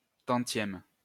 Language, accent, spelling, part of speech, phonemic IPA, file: French, France, tantième, noun, /tɑ̃.tjɛm/, LL-Q150 (fra)-tantième.wav
- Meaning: percentage, proportion